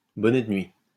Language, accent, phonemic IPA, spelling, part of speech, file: French, France, /bɔ.nɛ də nɥi/, bonnet de nuit, noun, LL-Q150 (fra)-bonnet de nuit.wav
- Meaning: 1. nightcap (clothing) 2. wet blanket; killjoy